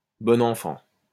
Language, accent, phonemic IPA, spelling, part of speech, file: French, France, /bɔ.n‿ɑ̃.fɑ̃/, bon enfant, adjective, LL-Q150 (fra)-bon enfant.wav
- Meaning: 1. good-natured, friendly 2. Simple-minded, naive